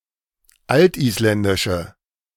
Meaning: inflection of altisländisch: 1. strong/mixed nominative/accusative feminine singular 2. strong nominative/accusative plural 3. weak nominative all-gender singular
- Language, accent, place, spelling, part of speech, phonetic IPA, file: German, Germany, Berlin, altisländische, adjective, [ˈaltʔiːsˌlɛndɪʃə], De-altisländische.ogg